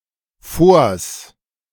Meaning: contraction of vor + das
- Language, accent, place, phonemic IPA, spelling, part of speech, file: German, Germany, Berlin, /foːrs/, vors, contraction, De-vors.ogg